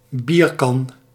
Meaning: beer jug
- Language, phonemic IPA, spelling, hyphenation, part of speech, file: Dutch, /ˈbir.kɑn/, bierkan, bier‧kan, noun, Nl-bierkan.ogg